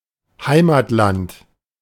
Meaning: homeland, home country
- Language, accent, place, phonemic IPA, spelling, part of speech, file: German, Germany, Berlin, /ˈhaɪ̯maːtˌlant/, Heimatland, noun, De-Heimatland.ogg